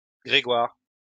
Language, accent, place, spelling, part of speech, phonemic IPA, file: French, France, Lyon, Grégoire, proper noun, /ɡʁe.ɡwaʁ/, LL-Q150 (fra)-Grégoire.wav
- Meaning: 1. a male given name, equivalent to English Gregory 2. Gregoire: a surname originating as a patronymic